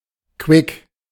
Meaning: lively
- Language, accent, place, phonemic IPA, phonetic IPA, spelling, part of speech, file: German, Germany, Berlin, /kvɪk/, [kʋɪk], quick, adjective, De-quick.ogg